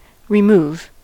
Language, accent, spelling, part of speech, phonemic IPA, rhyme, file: English, US, remove, verb / noun, /ɹɪˈmuv/, -uːv, En-us-remove.ogg
- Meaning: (verb) 1. To delete 2. To move from one place to another, especially to take away 3. To move from one place to another, especially to take away.: To replace a dish within a course 4. To murder